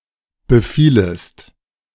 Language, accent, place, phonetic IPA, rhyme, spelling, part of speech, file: German, Germany, Berlin, [bəˈfiːləst], -iːləst, befielest, verb, De-befielest.ogg
- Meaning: second-person singular subjunctive I of befallen